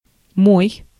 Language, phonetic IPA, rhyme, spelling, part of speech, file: Russian, [moj], -oj, мой, pronoun / verb, Ru-мой.ogg
- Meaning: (pronoun) my, mine; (verb) second-person singular imperative imperfective of мыть (mytʹ)